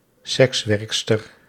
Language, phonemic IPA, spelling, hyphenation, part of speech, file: Dutch, /ˈsɛksˌʋɛrk.stər/, sekswerkster, seks‧werk‧ster, noun, Nl-sekswerkster.ogg
- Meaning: female sex worker